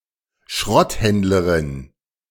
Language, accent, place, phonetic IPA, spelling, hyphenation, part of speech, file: German, Germany, Berlin, [ˈʃʁɔtˌhɛndləʁɪn], Schrotthändlerin, Schrott‧händ‧le‧rin, noun, De-Schrotthändlerin.ogg
- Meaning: female scrap dealer